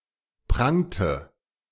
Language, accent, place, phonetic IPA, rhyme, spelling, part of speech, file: German, Germany, Berlin, [ˈpʁaŋtə], -aŋtə, prangte, verb, De-prangte.ogg
- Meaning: inflection of prangen: 1. first/third-person singular preterite 2. first/third-person singular subjunctive II